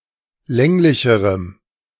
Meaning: strong dative masculine/neuter singular comparative degree of länglich
- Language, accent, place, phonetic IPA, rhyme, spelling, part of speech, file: German, Germany, Berlin, [ˈlɛŋlɪçəʁəm], -ɛŋlɪçəʁəm, länglicherem, adjective, De-länglicherem.ogg